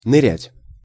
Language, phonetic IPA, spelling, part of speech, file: Russian, [nɨˈrʲætʲ], нырять, verb, Ru-нырять.ogg
- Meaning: to dive